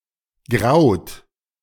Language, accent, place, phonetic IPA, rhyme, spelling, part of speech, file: German, Germany, Berlin, [ɡʁaʊ̯t], -aʊ̯t, graut, verb, De-graut.ogg
- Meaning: inflection of grauen: 1. third-person singular present 2. second-person plural present 3. plural imperative